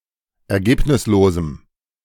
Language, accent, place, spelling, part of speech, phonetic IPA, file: German, Germany, Berlin, ergebnislosem, adjective, [ɛɐ̯ˈɡeːpnɪsloːzm̩], De-ergebnislosem.ogg
- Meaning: strong dative masculine/neuter singular of ergebnislos